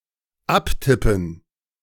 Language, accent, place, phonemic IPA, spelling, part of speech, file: German, Germany, Berlin, /ˈaptɪpən/, abtippen, verb, De-abtippen.ogg
- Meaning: to transcribe from one source by the help of keys into another medium